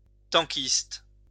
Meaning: tanker (member of a tank crew)
- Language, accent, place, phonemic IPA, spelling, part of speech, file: French, France, Lyon, /tɑ̃.kist/, tankiste, noun, LL-Q150 (fra)-tankiste.wav